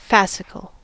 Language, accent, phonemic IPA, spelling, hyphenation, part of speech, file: English, US, /ˈfæs.ɪ.kəl/, fascicle, fas‧cic‧le, noun, En-us-fascicle.ogg
- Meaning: 1. A bundle or cluster 2. A bundle of skeletal muscle fibers surrounded by connective tissue 3. A cluster of flowers or leaves, such as the bundles of the thin leaves (or needles) of pines